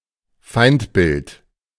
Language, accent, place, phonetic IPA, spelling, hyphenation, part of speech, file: German, Germany, Berlin, [ˈfaɪ̯ntˌbɪlt], Feindbild, Feind‧bild, noun, De-Feindbild.ogg
- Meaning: A prejudiced image or stereotype of a declared enemy of a group